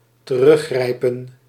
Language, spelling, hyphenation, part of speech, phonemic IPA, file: Dutch, teruggrijpen, te‧rug‧grij‧pen, verb, /təˈrʏˌxrɛi̯pə(n)/, Nl-teruggrijpen.ogg
- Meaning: 1. to fall back, to rely 2. to grab back, to retrieve by grabbing